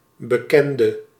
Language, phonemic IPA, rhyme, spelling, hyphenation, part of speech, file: Dutch, /bəˈkɛndə/, -ɛndə, bekende, be‧ken‧de, noun / adjective / verb, Nl-bekende.ogg
- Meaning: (noun) 1. an acquaintance, someone known/trusted to the person of reference, yet often less than a friend 2. The known, what one is familiar with